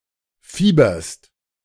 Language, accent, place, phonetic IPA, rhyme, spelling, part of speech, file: German, Germany, Berlin, [ˈfiːbɐst], -iːbɐst, fieberst, verb, De-fieberst.ogg
- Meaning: second-person singular present of fiebern